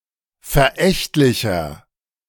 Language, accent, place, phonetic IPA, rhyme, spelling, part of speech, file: German, Germany, Berlin, [fɛɐ̯ˈʔɛçtlɪçɐ], -ɛçtlɪçɐ, verächtlicher, adjective, De-verächtlicher.ogg
- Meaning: 1. comparative degree of verächtlich 2. inflection of verächtlich: strong/mixed nominative masculine singular 3. inflection of verächtlich: strong genitive/dative feminine singular